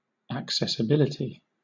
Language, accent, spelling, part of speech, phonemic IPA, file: English, Southern England, accessibility, noun, /əkˌsɛs.əˈbɪl.ɪ.ti/, LL-Q1860 (eng)-accessibility.wav
- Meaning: 1. The quality of being accessible, or of admitting approach; receptiveness 2. Features that increase software usability for users with certain impairments